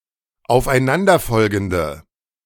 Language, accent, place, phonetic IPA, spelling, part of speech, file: German, Germany, Berlin, [aʊ̯fʔaɪ̯ˈnandɐˌfɔlɡn̩də], aufeinanderfolgende, adjective, De-aufeinanderfolgende.ogg
- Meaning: inflection of aufeinanderfolgend: 1. strong/mixed nominative/accusative feminine singular 2. strong nominative/accusative plural 3. weak nominative all-gender singular